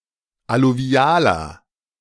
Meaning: inflection of alluvial: 1. strong/mixed nominative masculine singular 2. strong genitive/dative feminine singular 3. strong genitive plural
- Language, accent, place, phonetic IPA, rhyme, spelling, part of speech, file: German, Germany, Berlin, [aluˈvi̯aːlɐ], -aːlɐ, alluvialer, adjective, De-alluvialer.ogg